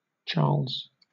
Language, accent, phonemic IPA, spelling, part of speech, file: English, Southern England, /t͡ʃɑːlz/, Charles, proper noun, LL-Q1860 (eng)-Charles.wav
- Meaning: 1. A male given name from the Germanic languages 2. A surname originating as a patronymic 3. A hamlet in Brayford parish, North Devon district, Devon, England (OS grid ref SS6832)